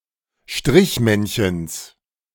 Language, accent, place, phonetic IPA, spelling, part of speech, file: German, Germany, Berlin, [ˈʃtʁɪçˌmɛnçəns], Strichmännchens, noun, De-Strichmännchens.ogg
- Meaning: genitive singular of Strichmännchen